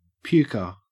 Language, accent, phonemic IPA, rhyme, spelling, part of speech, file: English, Australia, /ˈpjuːkə(ɹ)/, -uːkə(ɹ), puker, noun, En-au-puker.ogg
- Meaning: 1. Someone who pukes, a vomiter 2. That which causes vomiting